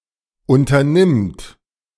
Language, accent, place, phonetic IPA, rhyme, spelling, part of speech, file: German, Germany, Berlin, [ˌʔʊntɐˈnɪmt], -ɪmt, unternimmt, verb, De-unternimmt.ogg
- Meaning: third-person singular present of unternehmen